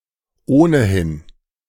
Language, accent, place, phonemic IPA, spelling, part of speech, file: German, Germany, Berlin, /oːnəˈhɪn/, ohnehin, adverb, De-ohnehin.ogg
- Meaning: 1. in any case, anyway, either way 2. already (further exacerbating the existing situation)